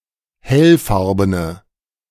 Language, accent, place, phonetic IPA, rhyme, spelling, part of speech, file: German, Germany, Berlin, [ˈhɛlˌfaʁbənə], -ɛlfaʁbənə, hellfarbene, adjective, De-hellfarbene.ogg
- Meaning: inflection of hellfarben: 1. strong/mixed nominative/accusative feminine singular 2. strong nominative/accusative plural 3. weak nominative all-gender singular